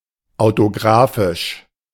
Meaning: alternative form of autografisch
- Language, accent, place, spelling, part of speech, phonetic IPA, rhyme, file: German, Germany, Berlin, autographisch, adjective, [aʊ̯toˈɡʁaːfɪʃ], -aːfɪʃ, De-autographisch.ogg